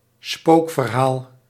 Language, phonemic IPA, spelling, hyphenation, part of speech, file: Dutch, /ˈspoːk.vərˌɦaːl/, spookverhaal, spook‧ver‧haal, noun, Nl-spookverhaal.ogg
- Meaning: ghost story